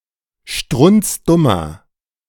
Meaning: inflection of strunzdumm: 1. strong/mixed nominative masculine singular 2. strong genitive/dative feminine singular 3. strong genitive plural
- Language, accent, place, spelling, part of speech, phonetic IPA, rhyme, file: German, Germany, Berlin, strunzdummer, adjective, [ˈʃtʁʊnt͡sˈdʊmɐ], -ʊmɐ, De-strunzdummer.ogg